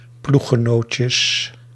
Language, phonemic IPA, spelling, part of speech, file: Dutch, /ˈpluxəˌnoːtjə/, ploeggenootjes, noun, Nl-ploeggenootjes.ogg
- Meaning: plural of ploeggenootje